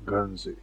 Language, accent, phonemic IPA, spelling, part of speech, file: English, UK, /ˈɡɜːnzi/, Guernsey, proper noun / noun, En-Guernsey.ogg
- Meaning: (proper noun) 1. An island, the second-largest of the Channel Islands 2. The Bailiwick of Guernsey, a British crown dependency on the island of Guernsey 3. An unincorporated community in California